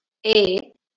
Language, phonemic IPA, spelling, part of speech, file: Marathi, /e/, ए, character, LL-Q1571 (mar)-ए.wav
- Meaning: The eighth vowel in Marathi